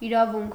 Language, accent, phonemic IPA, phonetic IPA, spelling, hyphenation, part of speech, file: Armenian, Eastern Armenian, /iɾɑˈvunkʰ/, [iɾɑvúŋkʰ], իրավունք, ի‧րա‧վունք, noun, Hy-իրավունք.ogg
- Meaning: right